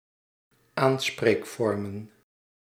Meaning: plural of aanspreekvorm
- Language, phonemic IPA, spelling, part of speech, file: Dutch, /ˈansprekˌfɔrᵊmə(n)/, aanspreekvormen, noun, Nl-aanspreekvormen.ogg